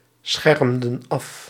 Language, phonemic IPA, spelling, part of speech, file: Dutch, /ˈsxɛrᵊmdə(n) ˈɑf/, schermden af, verb, Nl-schermden af.ogg
- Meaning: inflection of afschermen: 1. plural past indicative 2. plural past subjunctive